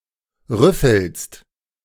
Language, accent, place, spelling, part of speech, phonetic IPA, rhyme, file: German, Germany, Berlin, rüffelst, verb, [ˈʁʏfl̩st], -ʏfl̩st, De-rüffelst.ogg
- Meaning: second-person singular present of rüffeln